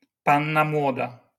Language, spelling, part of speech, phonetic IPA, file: Polish, panna młoda, noun, [ˈpãnːa ˈmwɔda], LL-Q809 (pol)-panna młoda.wav